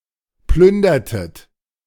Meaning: inflection of plündern: 1. second-person plural preterite 2. second-person plural subjunctive II
- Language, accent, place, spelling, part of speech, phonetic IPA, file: German, Germany, Berlin, plündertet, verb, [ˈplʏndɐtət], De-plündertet.ogg